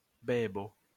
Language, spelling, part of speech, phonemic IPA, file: Esperanto, bebo, noun, /ˈbebo/, LL-Q143 (epo)-bebo.wav